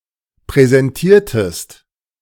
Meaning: inflection of präsentieren: 1. second-person singular preterite 2. second-person singular subjunctive II
- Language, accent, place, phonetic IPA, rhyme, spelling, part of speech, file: German, Germany, Berlin, [pʁɛzɛnˈtiːɐ̯təst], -iːɐ̯təst, präsentiertest, verb, De-präsentiertest.ogg